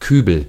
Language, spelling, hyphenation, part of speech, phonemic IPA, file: German, Kübel, Kü‧bel, noun, /ˈkyːbəl/, De-Kübel.ogg
- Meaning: a fairly tall tub or bucket, especially one with two handles on the sides (rather than a pail)